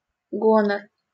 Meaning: 1. honor, dignity 2. arrogance, haughtiness
- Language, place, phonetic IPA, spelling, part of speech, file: Russian, Saint Petersburg, [ˈɡonər], гонор, noun, LL-Q7737 (rus)-гонор.wav